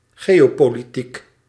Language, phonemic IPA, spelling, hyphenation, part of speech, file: Dutch, /ˈɣeː.oː.poː.liˌtik/, geopolitiek, geo‧po‧li‧tiek, adjective / noun, Nl-geopolitiek.ogg
- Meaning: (adjective) geopolitical; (noun) geopolitics